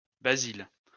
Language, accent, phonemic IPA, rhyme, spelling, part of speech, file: French, France, /ba.zil/, -il, Basile, proper noun, LL-Q150 (fra)-Basile.wav
- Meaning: a male given name, equivalent to English Basil